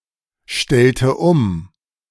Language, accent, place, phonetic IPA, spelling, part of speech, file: German, Germany, Berlin, [ˌʃtɛltə ˈʊm], stellte um, verb, De-stellte um.ogg
- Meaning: inflection of umstellen: 1. first/third-person singular preterite 2. first/third-person singular subjunctive II